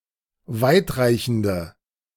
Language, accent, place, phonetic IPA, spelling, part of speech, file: German, Germany, Berlin, [ˈvaɪ̯tˌʁaɪ̯çn̩də], weitreichende, adjective, De-weitreichende.ogg
- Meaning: inflection of weitreichend: 1. strong/mixed nominative/accusative feminine singular 2. strong nominative/accusative plural 3. weak nominative all-gender singular